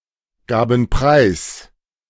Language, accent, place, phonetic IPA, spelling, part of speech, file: German, Germany, Berlin, [ˌɡaːbn̩ ˈpʁaɪ̯s], gaben preis, verb, De-gaben preis.ogg
- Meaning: first/third-person plural preterite of preisgeben